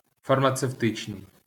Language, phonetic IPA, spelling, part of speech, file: Ukrainian, [fɐrmɐt͡seu̯ˈtɪt͡ʃnei̯], фармацевтичний, adjective, LL-Q8798 (ukr)-фармацевтичний.wav
- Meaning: pharmaceutical, pharmaceutic